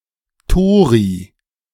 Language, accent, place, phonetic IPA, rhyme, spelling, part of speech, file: German, Germany, Berlin, [ˈtoːʁi], -oːʁi, Tori, noun, De-Tori.ogg
- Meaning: plural of Torus